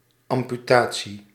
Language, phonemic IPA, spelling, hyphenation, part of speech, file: Dutch, /ˌɑm.pyˈtaː.(t)si/, amputatie, am‧pu‧ta‧tie, noun, Nl-amputatie.ogg
- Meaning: amputation (surgical removal of a body part)